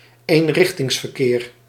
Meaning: one-way traffic
- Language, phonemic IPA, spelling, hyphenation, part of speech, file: Dutch, /eːnˈrɪx.tɪŋs.vərˌkeːr/, eenrichtingsverkeer, een‧rich‧tings‧ver‧keer, noun, Nl-eenrichtingsverkeer.ogg